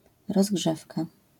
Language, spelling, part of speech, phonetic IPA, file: Polish, rozgrzewka, noun, [rɔzˈɡʒɛfka], LL-Q809 (pol)-rozgrzewka.wav